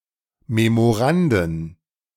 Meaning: plural of Memorandum
- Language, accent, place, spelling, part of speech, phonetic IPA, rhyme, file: German, Germany, Berlin, Memoranden, noun, [memoˈʁandn̩], -andn̩, De-Memoranden.ogg